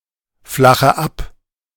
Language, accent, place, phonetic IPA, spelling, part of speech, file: German, Germany, Berlin, [ˌflaxə ˈap], flache ab, verb, De-flache ab.ogg
- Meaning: inflection of abflachen: 1. first-person singular present 2. first/third-person singular subjunctive I 3. singular imperative